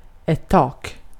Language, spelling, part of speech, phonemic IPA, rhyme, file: Swedish, tak, noun, /tɑːk/, -ɑːk, Sv-tak.ogg
- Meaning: 1. a roof 2. a ceiling